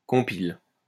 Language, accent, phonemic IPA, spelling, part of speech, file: French, France, /kɔ̃.pil/, compile, verb, LL-Q150 (fra)-compile.wav
- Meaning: inflection of compiler: 1. first/third-person singular present indicative/subjunctive 2. second-person singular imperative